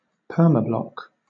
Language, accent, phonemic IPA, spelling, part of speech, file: English, Southern England, /ˈpɜːməˌblɒk/, permablock, noun / verb, LL-Q1860 (eng)-permablock.wav
- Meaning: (noun) The act of indefinitely blocking the access of a user; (verb) To indefinitely block the access of a user